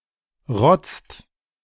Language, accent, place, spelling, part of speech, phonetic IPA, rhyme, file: German, Germany, Berlin, rotzt, verb, [ʁɔt͡st], -ɔt͡st, De-rotzt.ogg
- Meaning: inflection of rotzen: 1. second/third-person singular present 2. second-person plural present 3. plural imperative